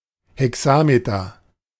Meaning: hexameter
- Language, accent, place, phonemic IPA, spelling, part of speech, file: German, Germany, Berlin, /hɛˈksaːmetɐ/, Hexameter, noun, De-Hexameter.ogg